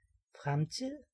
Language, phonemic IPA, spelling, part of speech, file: Danish, /ˈfʁamˌtiðˀ/, fremtid, noun, Da-fremtid.ogg
- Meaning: 1. future 2. future tense